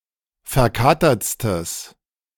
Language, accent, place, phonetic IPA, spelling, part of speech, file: German, Germany, Berlin, [fɛɐ̯ˈkaːtɐt͡stəs], verkatertstes, adjective, De-verkatertstes.ogg
- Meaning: strong/mixed nominative/accusative neuter singular superlative degree of verkatert